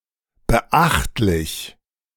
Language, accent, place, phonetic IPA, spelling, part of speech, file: German, Germany, Berlin, [bəˈʔaxtlɪç], beachtlich, adjective, De-beachtlich.ogg
- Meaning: considerable, noticeable, remarkable, substantial